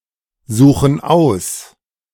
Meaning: inflection of aussuchen: 1. first/third-person plural present 2. first/third-person plural subjunctive I
- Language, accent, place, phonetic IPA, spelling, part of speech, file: German, Germany, Berlin, [ˌzuːxn̩ ˈaʊ̯s], suchen aus, verb, De-suchen aus.ogg